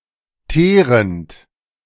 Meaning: present participle of teeren
- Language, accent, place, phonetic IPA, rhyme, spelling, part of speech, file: German, Germany, Berlin, [ˈteːʁənt], -eːʁənt, teerend, verb, De-teerend.ogg